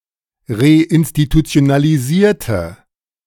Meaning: inflection of reinstitutionalisieren: 1. first/third-person singular preterite 2. first/third-person singular subjunctive II
- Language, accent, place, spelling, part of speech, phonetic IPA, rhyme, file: German, Germany, Berlin, reinstitutionalisierte, adjective / verb, [ʁeʔɪnstitut͡si̯onaliˈziːɐ̯tə], -iːɐ̯tə, De-reinstitutionalisierte.ogg